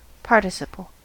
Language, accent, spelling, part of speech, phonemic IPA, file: English, US, participle, noun, /ˈpɑɹtɪˌsɪpəl/, En-us-participle.ogg